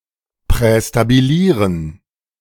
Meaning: to preestablish
- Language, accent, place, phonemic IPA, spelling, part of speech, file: German, Germany, Berlin, /pʁɛstabiˈliːʁən/, prästabilieren, verb, De-prästabilieren.ogg